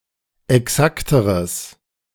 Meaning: strong/mixed nominative/accusative neuter singular comparative degree of exakt
- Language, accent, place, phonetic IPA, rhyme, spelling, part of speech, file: German, Germany, Berlin, [ɛˈksaktəʁəs], -aktəʁəs, exakteres, adjective, De-exakteres.ogg